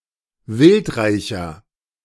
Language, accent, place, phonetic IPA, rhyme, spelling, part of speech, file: German, Germany, Berlin, [ˈvɪltˌʁaɪ̯çɐ], -ɪltʁaɪ̯çɐ, wildreicher, adjective, De-wildreicher.ogg
- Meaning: 1. comparative degree of wildreich 2. inflection of wildreich: strong/mixed nominative masculine singular 3. inflection of wildreich: strong genitive/dative feminine singular